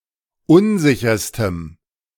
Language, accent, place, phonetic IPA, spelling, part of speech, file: German, Germany, Berlin, [ˈʊnˌzɪçɐstəm], unsicherstem, adjective, De-unsicherstem.ogg
- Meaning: strong dative masculine/neuter singular superlative degree of unsicher